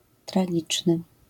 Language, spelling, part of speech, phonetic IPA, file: Polish, tragiczny, adjective, [traˈɟit͡ʃnɨ], LL-Q809 (pol)-tragiczny.wav